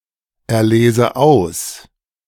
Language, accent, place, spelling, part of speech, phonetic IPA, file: German, Germany, Berlin, erlese aus, verb, [ɛɐ̯ˌleːzə ˈaʊ̯s], De-erlese aus.ogg
- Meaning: inflection of auserlesen: 1. first-person singular present 2. first/third-person singular subjunctive I